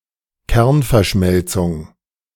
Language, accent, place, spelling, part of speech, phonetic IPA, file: German, Germany, Berlin, Kernverschmelzung, noun, [ˈkɛʁnfɛɐ̯ˌʃmɛlt͡sʊŋ], De-Kernverschmelzung.ogg
- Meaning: nuclear fusion